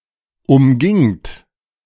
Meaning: second-person plural preterite of umgehen
- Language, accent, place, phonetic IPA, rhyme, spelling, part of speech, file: German, Germany, Berlin, [ʊmˈɡɪŋt], -ɪŋt, umgingt, verb, De-umgingt.ogg